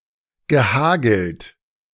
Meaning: past participle of hageln
- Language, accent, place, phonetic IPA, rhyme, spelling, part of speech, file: German, Germany, Berlin, [ɡəˈhaːɡl̩t], -aːɡl̩t, gehagelt, verb, De-gehagelt.ogg